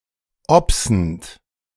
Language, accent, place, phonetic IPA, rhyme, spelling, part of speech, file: German, Germany, Berlin, [ˈɔpsn̩t], -ɔpsn̩t, obsend, verb, De-obsend.ogg
- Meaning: present participle of obsen